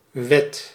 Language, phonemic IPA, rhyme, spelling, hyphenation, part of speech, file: Dutch, /ʋɛt/, -ɛt, wet, wet, noun / verb, Nl-wet.ogg
- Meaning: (noun) 1. law (rule) 2. law (body of rules declared and/or enforced by a government) 3. law of nature; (verb) inflection of wetten: first/second/third-person singular present indicative